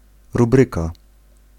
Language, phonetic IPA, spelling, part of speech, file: Polish, [ruˈbrɨka], rubryka, noun, Pl-rubryka.ogg